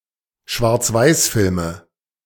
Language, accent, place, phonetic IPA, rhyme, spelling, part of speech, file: German, Germany, Berlin, [ʃvaʁt͡sˈvaɪ̯sˌfɪlmə], -aɪ̯sfɪlmə, Schwarzweißfilme, noun, De-Schwarzweißfilme.ogg
- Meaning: nominative/accusative/genitive plural of Schwarzweißfilm